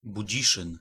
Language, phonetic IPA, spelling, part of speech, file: Polish, [buˈd͡ʑiʃɨ̃n], Budziszyn, proper noun, Pl-Budziszyn.ogg